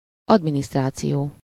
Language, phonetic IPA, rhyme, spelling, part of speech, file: Hungarian, [ˈɒdministraːt͡sijoː], -joː, adminisztráció, noun, Hu-adminisztráció.ogg
- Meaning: administration (the act of administering; government of public affairs; the service rendered, or duties assumed, in conducting affairs; the conducting of any office or employment; direction)